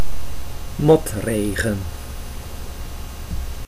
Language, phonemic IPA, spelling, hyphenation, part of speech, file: Dutch, /ˈmɔtˌreː.ɣə(n)/, motregen, mot‧re‧gen, noun / verb, Nl-motregen.ogg
- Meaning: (noun) drizzle (light rain); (verb) inflection of motregenen: 1. first-person singular present indicative 2. second-person singular present indicative 3. imperative